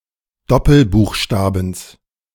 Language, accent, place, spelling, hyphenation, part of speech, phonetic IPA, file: German, Germany, Berlin, Doppelbuchstabens, Dop‧pel‧buch‧sta‧bens, noun, [ˈdɔpl̩ˌbuːxˌʃtaːbn̩s], De-Doppelbuchstabens.ogg
- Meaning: genitive singular of Doppelbuchstabe